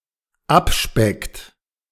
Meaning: inflection of abspecken: 1. third-person singular dependent present 2. second-person plural dependent present
- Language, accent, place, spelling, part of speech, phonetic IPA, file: German, Germany, Berlin, abspeckt, verb, [ˈapˌʃpɛkt], De-abspeckt.ogg